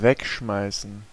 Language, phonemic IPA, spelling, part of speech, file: German, /ˈvɛkʃmaɪ̯sən/, wegschmeißen, verb, De-wegschmeißen.ogg
- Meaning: 1. to ditch, junk 2. to throw away